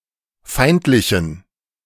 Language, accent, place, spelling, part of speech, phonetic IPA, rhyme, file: German, Germany, Berlin, feindlichen, adjective, [ˈfaɪ̯ntlɪçn̩], -aɪ̯ntlɪçn̩, De-feindlichen.ogg
- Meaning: inflection of feindlich: 1. strong genitive masculine/neuter singular 2. weak/mixed genitive/dative all-gender singular 3. strong/weak/mixed accusative masculine singular 4. strong dative plural